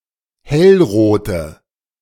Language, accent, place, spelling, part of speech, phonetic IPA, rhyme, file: German, Germany, Berlin, hellrote, adjective, [ˈhɛlˌʁoːtə], -ɛlʁoːtə, De-hellrote.ogg
- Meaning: inflection of hellrot: 1. strong/mixed nominative/accusative feminine singular 2. strong nominative/accusative plural 3. weak nominative all-gender singular 4. weak accusative feminine/neuter singular